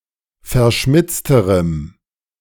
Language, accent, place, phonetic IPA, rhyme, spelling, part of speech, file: German, Germany, Berlin, [fɛɐ̯ˈʃmɪt͡stəʁəm], -ɪt͡stəʁəm, verschmitzterem, adjective, De-verschmitzterem.ogg
- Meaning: strong dative masculine/neuter singular comparative degree of verschmitzt